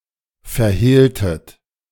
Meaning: inflection of verhehlen: 1. second-person plural preterite 2. second-person plural subjunctive II
- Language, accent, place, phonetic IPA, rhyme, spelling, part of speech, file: German, Germany, Berlin, [fɛɐ̯ˈheːltət], -eːltət, verhehltet, verb, De-verhehltet.ogg